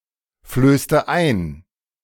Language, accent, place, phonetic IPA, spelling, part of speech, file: German, Germany, Berlin, [ˌfløːstə ˈaɪ̯n], flößte ein, verb, De-flößte ein.ogg
- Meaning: inflection of einflößen: 1. first/third-person singular preterite 2. first/third-person singular subjunctive II